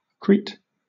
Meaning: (proper noun) 1. An island in the Mediterranean, and the largest in Greece 2. One of the thirteen regions (peripheries) of Greece, consisting of Chania, Iraklion, Lasithi and Rethymno; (noun) A Cretan
- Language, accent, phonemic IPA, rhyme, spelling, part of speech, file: English, Southern England, /ˈkɹiːt/, -iːt, Crete, proper noun / noun, LL-Q1860 (eng)-Crete.wav